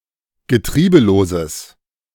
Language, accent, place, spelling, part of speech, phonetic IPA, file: German, Germany, Berlin, getriebeloses, adjective, [ɡəˈtʁiːbəloːzəs], De-getriebeloses.ogg
- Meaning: strong/mixed nominative/accusative neuter singular of getriebelos